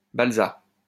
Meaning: balsa (tree, wood)
- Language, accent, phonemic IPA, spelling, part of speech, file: French, France, /bal.za/, balsa, noun, LL-Q150 (fra)-balsa.wav